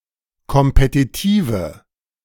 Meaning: inflection of kompetitiv: 1. strong/mixed nominative/accusative feminine singular 2. strong nominative/accusative plural 3. weak nominative all-gender singular
- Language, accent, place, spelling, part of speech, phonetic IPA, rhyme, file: German, Germany, Berlin, kompetitive, adjective, [kɔmpetiˈtiːvə], -iːvə, De-kompetitive.ogg